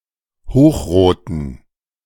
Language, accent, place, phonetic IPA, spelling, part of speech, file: German, Germany, Berlin, [ˈhoːxˌʁoːtn̩], hochroten, adjective, De-hochroten.ogg
- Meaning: inflection of hochrot: 1. strong genitive masculine/neuter singular 2. weak/mixed genitive/dative all-gender singular 3. strong/weak/mixed accusative masculine singular 4. strong dative plural